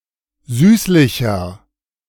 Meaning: 1. comparative degree of süßlich 2. inflection of süßlich: strong/mixed nominative masculine singular 3. inflection of süßlich: strong genitive/dative feminine singular
- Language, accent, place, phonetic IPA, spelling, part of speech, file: German, Germany, Berlin, [ˈzyːslɪçɐ], süßlicher, adjective, De-süßlicher.ogg